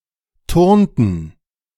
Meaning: inflection of turnen: 1. first/third-person plural preterite 2. first/third-person plural subjunctive II
- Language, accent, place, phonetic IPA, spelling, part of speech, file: German, Germany, Berlin, [ˈtʊʁntn̩], turnten, verb, De-turnten.ogg